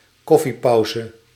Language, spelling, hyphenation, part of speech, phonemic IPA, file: Dutch, koffiepauze, kof‧fie‧pau‧ze, noun, /ˈkɔfiˌpɑuzə/, Nl-koffiepauze.ogg
- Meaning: coffee break